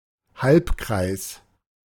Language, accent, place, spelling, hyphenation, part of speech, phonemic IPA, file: German, Germany, Berlin, Halbkreis, Halb‧kreis, noun, /ˈhalpˌkʁaɪ̯s/, De-Halbkreis.ogg
- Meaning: semicircle (half of a circle)